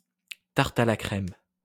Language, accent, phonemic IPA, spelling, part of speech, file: French, France, /taʁt a la kʁɛm/, tarte à la crème, noun, LL-Q150 (fra)-tarte à la crème.wav
- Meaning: 1. custard pie 2. a cliché